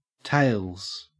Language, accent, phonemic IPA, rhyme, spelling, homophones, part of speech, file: English, Australia, /teɪlz/, -eɪlz, tails, tales, noun / verb, En-au-tails.ogg
- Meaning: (noun) 1. plural of tail 2. Clipping of tailcoat 3. The side of a coin that doesn't bear the picture of the head of state or similar 4. Tailings; waste 5. Tailings, feints